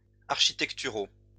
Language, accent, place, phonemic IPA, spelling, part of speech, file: French, France, Lyon, /aʁ.ʃi.tɛk.ty.ʁo/, architecturaux, adjective, LL-Q150 (fra)-architecturaux.wav
- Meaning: masculine plural of architectural